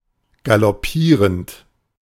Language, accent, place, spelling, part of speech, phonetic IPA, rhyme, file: German, Germany, Berlin, galoppierend, verb, [ɡalɔˈpiːʁənt], -iːʁənt, De-galoppierend.ogg
- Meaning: present participle of galoppieren